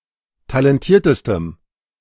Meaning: strong dative masculine/neuter singular superlative degree of talentiert
- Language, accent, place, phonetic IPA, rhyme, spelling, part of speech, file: German, Germany, Berlin, [talɛnˈtiːɐ̯təstəm], -iːɐ̯təstəm, talentiertestem, adjective, De-talentiertestem.ogg